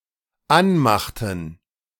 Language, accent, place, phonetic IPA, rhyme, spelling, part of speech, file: German, Germany, Berlin, [ˈanˌmaxtn̩], -anmaxtn̩, anmachten, verb, De-anmachten.ogg
- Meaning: inflection of anmachen: 1. first/third-person plural dependent preterite 2. first/third-person plural dependent subjunctive II